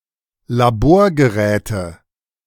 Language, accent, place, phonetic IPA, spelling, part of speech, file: German, Germany, Berlin, [laˈboːɐ̯ɡəˌʁɛːtə], Laborgeräte, noun, De-Laborgeräte.ogg
- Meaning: nominative/accusative/genitive plural of Laborgerät